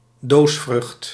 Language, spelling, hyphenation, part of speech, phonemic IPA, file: Dutch, doosvrucht, doos‧vrucht, noun, /ˈdoːs.frʏxt/, Nl-doosvrucht.ogg
- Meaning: capsule (dehiscent fruit)